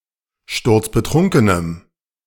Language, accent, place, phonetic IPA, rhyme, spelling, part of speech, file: German, Germany, Berlin, [ˈʃtʊʁt͡sbəˈtʁʊŋkənəm], -ʊŋkənəm, sturzbetrunkenem, adjective, De-sturzbetrunkenem.ogg
- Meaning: strong dative masculine/neuter singular of sturzbetrunken